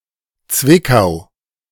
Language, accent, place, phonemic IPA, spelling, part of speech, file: German, Germany, Berlin, /ˈt͡svɪkaʊ̯/, Zwickau, proper noun, De-Zwickau.ogg
- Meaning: 1. Zwickau (a town and rural district of Saxony) 2. Cvikov (a town in Česká Lípa district, Liberec Region, Czech Republic)